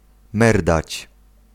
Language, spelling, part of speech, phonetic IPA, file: Polish, merdać, verb, [ˈmɛrdat͡ɕ], Pl-merdać.ogg